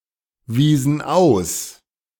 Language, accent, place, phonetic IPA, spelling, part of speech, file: German, Germany, Berlin, [ˌviːzn̩ ˈaʊ̯s], wiesen aus, verb, De-wiesen aus.ogg
- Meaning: inflection of ausweisen: 1. first/third-person plural preterite 2. first/third-person plural subjunctive II